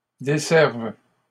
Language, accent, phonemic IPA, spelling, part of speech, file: French, Canada, /de.sɛʁv/, desservent, verb, LL-Q150 (fra)-desservent.wav
- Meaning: third-person plural present indicative/subjunctive of desservir